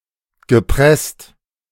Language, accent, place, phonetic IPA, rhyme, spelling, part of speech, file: German, Germany, Berlin, [ɡəˈpʁɛst], -ɛst, gepresst, verb, De-gepresst.ogg
- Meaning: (verb) past participle of pressen; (adjective) 1. pressed, constrained 2. huddled